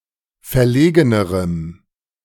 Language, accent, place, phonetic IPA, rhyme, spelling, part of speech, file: German, Germany, Berlin, [fɛɐ̯ˈleːɡənəʁəm], -eːɡənəʁəm, verlegenerem, adjective, De-verlegenerem.ogg
- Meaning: strong dative masculine/neuter singular comparative degree of verlegen